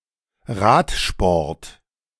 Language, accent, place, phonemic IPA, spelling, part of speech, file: German, Germany, Berlin, /ˈʁaːtˌʃpɔʁt/, Radsport, noun, De-Radsport.ogg
- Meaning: cycling